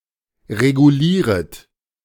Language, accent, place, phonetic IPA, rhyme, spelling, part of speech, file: German, Germany, Berlin, [ʁeɡuˈliːʁət], -iːʁət, regulieret, verb, De-regulieret.ogg
- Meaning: second-person plural subjunctive I of regulieren